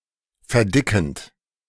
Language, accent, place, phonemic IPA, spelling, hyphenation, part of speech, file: German, Germany, Berlin, /fɛɐ̯ˈdɪkənt/, verdickend, ver‧di‧ckend, verb, De-verdickend.ogg
- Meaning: present participle of verdicken